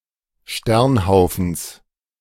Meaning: genitive singular of Sternhaufen
- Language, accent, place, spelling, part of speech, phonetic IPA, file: German, Germany, Berlin, Sternhaufens, noun, [ˈʃtɛʁnˌhaʊ̯fn̩s], De-Sternhaufens.ogg